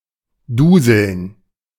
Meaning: to doze
- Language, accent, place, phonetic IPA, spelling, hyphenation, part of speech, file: German, Germany, Berlin, [ˈduːzl̩n], duseln, du‧seln, verb, De-duseln.ogg